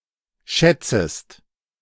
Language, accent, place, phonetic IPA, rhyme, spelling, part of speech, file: German, Germany, Berlin, [ˈʃɛt͡səst], -ɛt͡səst, schätzest, verb, De-schätzest.ogg
- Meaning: second-person singular subjunctive I of schätzen